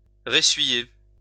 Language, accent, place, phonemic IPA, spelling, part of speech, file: French, France, Lyon, /ʁe.sɥi.je/, ressuyer, verb, LL-Q150 (fra)-ressuyer.wav
- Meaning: to dry; to dry out